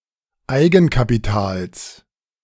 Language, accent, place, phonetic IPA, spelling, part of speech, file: German, Germany, Berlin, [ˈaɪ̯ɡn̩kapiˌtaːls], Eigenkapitals, noun, De-Eigenkapitals.ogg
- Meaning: genitive singular of Eigenkapital